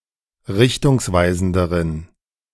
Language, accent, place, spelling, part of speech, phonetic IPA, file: German, Germany, Berlin, richtungsweisenderen, adjective, [ˈʁɪçtʊŋsˌvaɪ̯zn̩dəʁən], De-richtungsweisenderen.ogg
- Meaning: inflection of richtungsweisend: 1. strong genitive masculine/neuter singular comparative degree 2. weak/mixed genitive/dative all-gender singular comparative degree